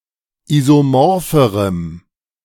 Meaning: strong dative masculine/neuter singular comparative degree of isomorph
- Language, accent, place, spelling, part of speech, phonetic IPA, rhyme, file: German, Germany, Berlin, isomorpherem, adjective, [ˌizoˈmɔʁfəʁəm], -ɔʁfəʁəm, De-isomorpherem.ogg